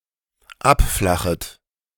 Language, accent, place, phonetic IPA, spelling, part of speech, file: German, Germany, Berlin, [ˈapˌflaxət], abflachet, verb, De-abflachet.ogg
- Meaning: second-person plural dependent subjunctive I of abflachen